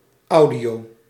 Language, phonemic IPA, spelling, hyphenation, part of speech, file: Dutch, /ˈɑu̯.di.oː/, audio, au‧dio, noun, Nl-audio.ogg
- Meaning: audio